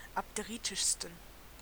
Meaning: 1. superlative degree of abderitisch 2. inflection of abderitisch: strong genitive masculine/neuter singular superlative degree
- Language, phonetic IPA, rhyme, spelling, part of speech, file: German, [apdeˈʁiːtɪʃstn̩], -iːtɪʃstn̩, abderitischsten, adjective, De-abderitischsten.ogg